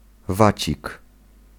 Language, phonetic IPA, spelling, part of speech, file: Polish, [ˈvat͡ɕik], wacik, noun, Pl-wacik.ogg